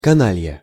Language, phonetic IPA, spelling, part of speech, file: Russian, [kɐˈnalʲjə], каналья, noun, Ru-каналья.ogg
- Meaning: rogue, rascal